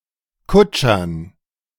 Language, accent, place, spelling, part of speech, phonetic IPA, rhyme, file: German, Germany, Berlin, Kutschern, noun, [ˈkʊt͡ʃɐn], -ʊt͡ʃɐn, De-Kutschern.ogg
- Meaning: dative plural of Kutscher